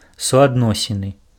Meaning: correlation
- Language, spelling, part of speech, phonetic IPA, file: Belarusian, суадносіны, noun, [suadˈnosʲinɨ], Be-суадносіны.ogg